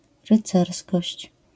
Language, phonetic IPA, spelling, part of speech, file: Polish, [rɨˈt͡sɛrskɔɕt͡ɕ], rycerskość, noun, LL-Q809 (pol)-rycerskość.wav